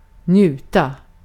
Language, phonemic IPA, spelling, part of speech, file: Swedish, /²njʉːta/, njuta, verb, Sv-njuta.ogg
- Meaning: 1. to enjoy, to indulge 2. to benefit from, to enjoy (in that sense)